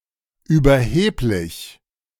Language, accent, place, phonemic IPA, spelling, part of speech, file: German, Germany, Berlin, /yːbɐˈheːplɪç/, überheblich, adjective, De-überheblich.ogg
- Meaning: 1. arrogant, overweening, haughty, cocksure, presumptuous, smug 2. overbearing